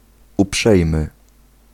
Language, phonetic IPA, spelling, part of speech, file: Polish, [uˈpʃɛjmɨ], uprzejmy, adjective, Pl-uprzejmy.ogg